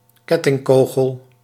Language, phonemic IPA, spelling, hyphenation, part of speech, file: Dutch, /ˈkɛ.tɪŋˌkoː.ɣəl/, kettingkogel, ket‧ting‧ko‧gel, noun, Nl-kettingkogel.ogg
- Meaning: chain shot